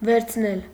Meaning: 1. causative of վերնալ (vernal) 2. to take
- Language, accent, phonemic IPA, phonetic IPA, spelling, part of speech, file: Armenian, Eastern Armenian, /veɾt͡sʰˈnel/, [veɾt͡sʰnél], վերցնել, verb, Hy-վերցնել.ogg